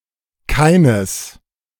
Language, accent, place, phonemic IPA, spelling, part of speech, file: German, Germany, Berlin, /ˈkaɪ̯nəs/, keines, pronoun, De-keines.ogg
- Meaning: 1. masculine/neuter genitive of kein 2. inflection of keiner: neuter nominative 3. inflection of keiner: masculine/neuter genitive 4. inflection of keiner: neuter accusative